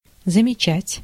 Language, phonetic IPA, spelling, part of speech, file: Russian, [zəmʲɪˈt͡ɕætʲ], замечать, verb, Ru-замечать.ogg
- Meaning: to notice, to remark, to note, to observe